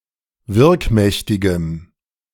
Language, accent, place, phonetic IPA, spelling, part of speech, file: German, Germany, Berlin, [ˈvɪʁkˌmɛçtɪɡəm], wirkmächtigem, adjective, De-wirkmächtigem.ogg
- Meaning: strong dative masculine/neuter singular of wirkmächtig